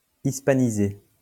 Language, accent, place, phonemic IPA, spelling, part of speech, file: French, France, Lyon, /is.pa.ni.ze/, hispaniser, verb, LL-Q150 (fra)-hispaniser.wav
- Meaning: to Hispanicize